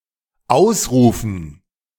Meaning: 1. to exclaim 2. to proclaim
- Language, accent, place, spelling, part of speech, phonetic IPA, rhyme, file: German, Germany, Berlin, ausrufen, verb, [ˈaʊ̯sˌʁuːfn̩], -aʊ̯sʁuːfn̩, De-ausrufen.ogg